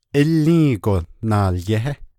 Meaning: jewellery
- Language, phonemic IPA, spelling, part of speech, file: Navajo, /ʔɪ́lĩ́ːkò nɑ̀ːljɛ́hɛ́/, ílį́įgo naalyéhé, noun, Nv-ílį́įgo naalyéhé.ogg